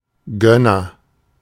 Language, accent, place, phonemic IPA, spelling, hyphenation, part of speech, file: German, Germany, Berlin, /ˈɡœnɐ/, Gönner, Gön‧ner, noun, De-Gönner.ogg
- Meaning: agent noun of gönnen: patron, benefactor, backer, favorer, sponsor